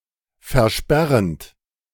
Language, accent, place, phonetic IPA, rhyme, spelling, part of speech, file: German, Germany, Berlin, [fɛɐ̯ˈʃpɛʁənt], -ɛʁənt, versperrend, verb, De-versperrend.ogg
- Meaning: present participle of versperren